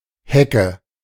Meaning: hedge
- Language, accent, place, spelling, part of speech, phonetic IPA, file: German, Germany, Berlin, Hecke, noun, [ˈhɛkʰə], De-Hecke.ogg